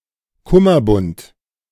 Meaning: cummerbund
- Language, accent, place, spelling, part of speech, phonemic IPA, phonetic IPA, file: German, Germany, Berlin, Kummerbund, noun, /ˈkʊmərˌbʊnt/, [ˈkʊmɐˌbʊnt], De-Kummerbund.ogg